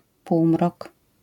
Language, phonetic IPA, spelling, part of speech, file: Polish, [ˈpuwmrɔk], półmrok, noun, LL-Q809 (pol)-półmrok.wav